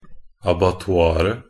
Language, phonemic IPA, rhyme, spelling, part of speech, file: Norwegian Bokmål, /abatɔˈɑːrə/, -ɑːrə, abattoiret, noun, Nb-abattoiret.ogg
- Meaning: definite singular of abattoir